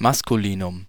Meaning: 1. masculine, masculine gender 2. masculine, a word (like a substantive, pronoun) with masculine gender
- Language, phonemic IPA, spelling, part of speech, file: German, /ˈmaskuliːnʊm/, Maskulinum, noun, De-Maskulinum.ogg